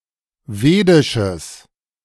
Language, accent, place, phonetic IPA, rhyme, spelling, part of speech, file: German, Germany, Berlin, [ˈveːdɪʃəs], -eːdɪʃəs, vedisches, adjective, De-vedisches.ogg
- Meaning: strong/mixed nominative/accusative neuter singular of vedisch